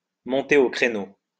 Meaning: to enter the fray, to step up to the plate
- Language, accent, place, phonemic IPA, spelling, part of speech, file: French, France, Lyon, /mɔ̃.te o kʁe.no/, monter au créneau, verb, LL-Q150 (fra)-monter au créneau.wav